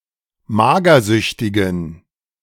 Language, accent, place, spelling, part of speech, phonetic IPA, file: German, Germany, Berlin, magersüchtigen, adjective, [ˈmaːɡɐˌzʏçtɪɡn̩], De-magersüchtigen.ogg
- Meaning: inflection of magersüchtig: 1. strong genitive masculine/neuter singular 2. weak/mixed genitive/dative all-gender singular 3. strong/weak/mixed accusative masculine singular 4. strong dative plural